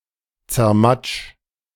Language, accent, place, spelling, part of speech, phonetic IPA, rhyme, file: German, Germany, Berlin, zermatsch, verb, [t͡sɛɐ̯ˈmat͡ʃ], -at͡ʃ, De-zermatsch.ogg
- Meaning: 1. singular imperative of zermatschen 2. first-person singular present of zermatschen